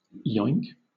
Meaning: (verb) 1. To make an oinking sound 2. To hop or bounce 3. nonce word for an action that impacts on something, especially if it is sudden 4. To kill
- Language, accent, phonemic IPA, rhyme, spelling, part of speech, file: English, Southern England, /jɔɪŋk/, -ɔɪŋk, yoink, verb / noun / interjection, LL-Q1860 (eng)-yoink.wav